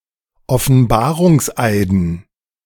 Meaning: dative plural of Offenbarungseid
- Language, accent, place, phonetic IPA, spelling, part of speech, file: German, Germany, Berlin, [ɔfn̩ˈbaːʁʊŋsˌʔaɪ̯dn̩], Offenbarungseiden, noun, De-Offenbarungseiden.ogg